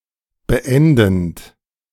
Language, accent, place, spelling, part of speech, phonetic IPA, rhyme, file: German, Germany, Berlin, beendend, verb, [bəˈʔɛndn̩t], -ɛndn̩t, De-beendend.ogg
- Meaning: present participle of beenden